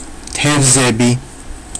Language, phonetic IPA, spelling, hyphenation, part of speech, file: Georgian, [tʰe̞vze̞bi], თევზები, თევ‧ზე‧ბი, noun, Ka-tevzebi.ogg
- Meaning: 1. plural of თევზი (tevzi) 2. Pisces